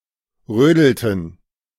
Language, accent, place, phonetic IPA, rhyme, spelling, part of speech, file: German, Germany, Berlin, [ˈʁøːdl̩tn̩], -øːdl̩tn̩, rödelten, verb, De-rödelten.ogg
- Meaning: inflection of rödeln: 1. first/third-person plural preterite 2. first/third-person plural subjunctive II